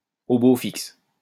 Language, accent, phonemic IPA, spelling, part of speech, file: French, France, /o bo fiks/, au beau fixe, adjective, LL-Q150 (fra)-au beau fixe.wav
- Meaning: excellent, consistently good, stable, set fair, favorable